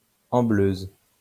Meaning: feminine singular of ambleur
- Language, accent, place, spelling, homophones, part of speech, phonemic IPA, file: French, France, Lyon, ambleuse, ambleuses, adjective, /ɑ̃.bløz/, LL-Q150 (fra)-ambleuse.wav